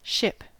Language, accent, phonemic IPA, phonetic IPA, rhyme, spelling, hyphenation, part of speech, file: English, US, /ˈʃɪp/, [ˈʃʰɪp], -ɪp, ship, ship, noun / verb, En-us-ship.ogg
- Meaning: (noun) 1. A water-borne vessel generally larger than a boat 2. A vessel which travels through any medium other than across land, such as an airship or spaceship 3. A spaceship